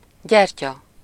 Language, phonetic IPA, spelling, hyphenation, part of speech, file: Hungarian, [ˈɟɛrcɒ], gyertya, gyer‧tya, noun, Hu-gyertya.ogg
- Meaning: 1. candle (light source consisting of a wick embedded in wax, tallow or paraffin) 2. shoulder stand (gymnastic pose in which the legs are pointed upwards with the body supported by the shoulders)